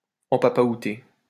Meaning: 1. to dupe, cheat or defraud 2. to be bored 3. to fuck; to sodomize
- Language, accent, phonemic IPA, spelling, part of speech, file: French, France, /ɑ̃.pa.pa.u.te/, empapaouter, verb, LL-Q150 (fra)-empapaouter.wav